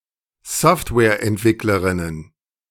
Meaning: plural of Softwareentwicklerin
- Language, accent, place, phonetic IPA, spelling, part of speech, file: German, Germany, Berlin, [ˈsɔftvɛːɐ̯ʔɛntˌvɪkləʁɪnən], Softwareentwicklerinnen, noun, De-Softwareentwicklerinnen.ogg